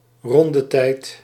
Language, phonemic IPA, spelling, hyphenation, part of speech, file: Dutch, /ˈrɔn.dəˌtɛi̯t/, rondetijd, ron‧de‧tijd, noun, Nl-rondetijd.ogg
- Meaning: lap time